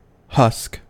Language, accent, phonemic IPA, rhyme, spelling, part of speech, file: English, US, /hʌsk/, -ʌsk, husk, noun / verb, En-us-husk.ogg
- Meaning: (noun) The dry, leafy or stringy exterior of certain vegetables or fruits, which must be removed before eating the meat inside